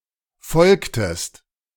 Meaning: inflection of folgen: 1. second-person singular preterite 2. second-person singular subjunctive II
- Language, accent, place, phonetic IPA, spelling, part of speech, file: German, Germany, Berlin, [ˈfɔlktəst], folgtest, verb, De-folgtest.ogg